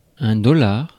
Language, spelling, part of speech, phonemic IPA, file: French, dollar, noun, /dɔ.laʁ/, Fr-dollar.ogg
- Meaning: 1. dollar, usually the US dollar 2. Canadian dollar